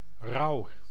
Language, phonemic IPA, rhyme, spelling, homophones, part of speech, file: Dutch, /rɑu̯/, -ɑu̯, rouw, rauw, noun / verb, Nl-rouw.ogg
- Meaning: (noun) 1. mourning 2. sorrow, grief; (verb) inflection of rouwen: 1. first-person singular present indicative 2. second-person singular present indicative 3. imperative